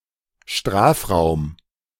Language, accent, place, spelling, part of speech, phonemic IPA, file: German, Germany, Berlin, Strafraum, noun, /ˈʃtʁaːfˌʁaʊ̯m/, De-Strafraum.ogg
- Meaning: penalty area